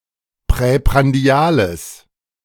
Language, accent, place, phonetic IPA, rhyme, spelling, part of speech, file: German, Germany, Berlin, [pʁɛpʁanˈdi̯aːləs], -aːləs, präprandiales, adjective, De-präprandiales.ogg
- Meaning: strong/mixed nominative/accusative neuter singular of präprandial